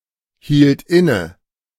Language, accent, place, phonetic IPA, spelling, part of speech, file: German, Germany, Berlin, [ˌhiːlt ˈɪnə], hielt inne, verb, De-hielt inne.ogg
- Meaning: first/third-person singular preterite of innehalten